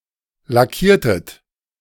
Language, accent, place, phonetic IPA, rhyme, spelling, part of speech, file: German, Germany, Berlin, [laˈkiːɐ̯tət], -iːɐ̯tət, lackiertet, verb, De-lackiertet.ogg
- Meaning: inflection of lackieren: 1. second-person plural preterite 2. second-person plural subjunctive II